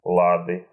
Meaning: inflection of ла́да (láda): 1. genitive singular 2. nominative plural
- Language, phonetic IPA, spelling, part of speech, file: Russian, [ˈɫadɨ], лады, noun, Ru-ла́ды.ogg